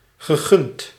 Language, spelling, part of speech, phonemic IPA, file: Dutch, gegund, verb, /ɣəˈɣʏnt/, Nl-gegund.ogg
- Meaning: past participle of gunnen